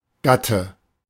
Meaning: spouse
- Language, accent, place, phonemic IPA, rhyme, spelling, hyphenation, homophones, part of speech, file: German, Germany, Berlin, /ˈɡatə/, -atə, Gatte, Gat‧te, Gate, noun, De-Gatte.ogg